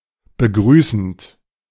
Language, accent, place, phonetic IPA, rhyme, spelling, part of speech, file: German, Germany, Berlin, [bəˈɡʁyːsn̩t], -yːsn̩t, begrüßend, verb, De-begrüßend.ogg
- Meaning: present participle of begrüßen